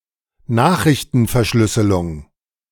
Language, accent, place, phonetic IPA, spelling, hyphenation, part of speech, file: German, Germany, Berlin, [ˈnaːxʁɪçtn̩fɛɐ̯ˌʃlʏsəlʊŋ], Nachrichtenverschlüsselung, Nach‧rich‧ten‧ver‧schlüs‧se‧lung, noun, De-Nachrichtenverschlüsselung.ogg
- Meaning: message encryption